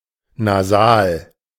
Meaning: nasal
- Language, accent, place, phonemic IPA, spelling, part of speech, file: German, Germany, Berlin, /naˈzaːl/, nasal, adjective, De-nasal.ogg